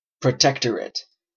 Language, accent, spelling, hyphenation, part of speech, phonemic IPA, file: English, Canada, protectorate, pro‧tec‧tor‧ate, noun, /pɹəˈtɛktəɹɪt/, En-ca-protectorate.oga